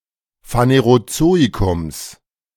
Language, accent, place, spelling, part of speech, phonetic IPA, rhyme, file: German, Germany, Berlin, Phanerozoikums, noun, [faneʁoˈt͡soːikʊms], -oːikʊms, De-Phanerozoikums.ogg
- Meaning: genitive singular of Phanerozoikum